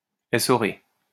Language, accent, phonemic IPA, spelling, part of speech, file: French, France, /e.sɔ.ʁe/, essorer, verb, LL-Q150 (fra)-essorer.wav
- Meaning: 1. to dry out, to hang out to dry (e.g. washing), to spin-dry 2. wring, wring out